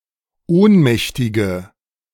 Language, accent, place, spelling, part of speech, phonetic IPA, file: German, Germany, Berlin, ohnmächtige, adjective, [ˈoːnˌmɛçtɪɡə], De-ohnmächtige.ogg
- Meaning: inflection of ohnmächtig: 1. strong/mixed nominative/accusative feminine singular 2. strong nominative/accusative plural 3. weak nominative all-gender singular